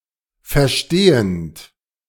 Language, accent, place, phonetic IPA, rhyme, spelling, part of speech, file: German, Germany, Berlin, [fɛɐ̯ˈʃteːənt], -eːənt, verstehend, verb, De-verstehend.ogg
- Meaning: present participle of verstehen